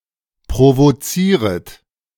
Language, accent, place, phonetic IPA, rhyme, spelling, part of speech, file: German, Germany, Berlin, [pʁovoˈt͡siːʁət], -iːʁət, provozieret, verb, De-provozieret.ogg
- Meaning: second-person plural subjunctive I of provozieren